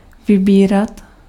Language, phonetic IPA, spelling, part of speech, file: Czech, [ˈvɪbiːrat], vybírat, verb, Cs-vybírat.ogg
- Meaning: 1. imperfective form of vybrat 2. to collect (to get from someone)